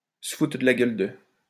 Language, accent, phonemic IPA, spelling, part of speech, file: French, France, /sə fu.tʁə d(ə) la ɡœl də/, se foutre de la gueule de, verb, LL-Q150 (fra)-se foutre de la gueule de.wav
- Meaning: to make fun of, to laugh at, to take the piss out of